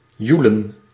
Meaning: to shout, to cry out, to bawl
- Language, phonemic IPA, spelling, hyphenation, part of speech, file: Dutch, /ˈju.lə(n)/, joelen, joe‧len, verb, Nl-joelen.ogg